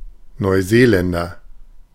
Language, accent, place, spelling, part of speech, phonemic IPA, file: German, Germany, Berlin, Neuseeländer, noun, /nɔɪˈzeːˌlɛndɐ/, De-Neuseeländer.ogg
- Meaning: New Zealander (a person from New Zealand or of New Zealand descent)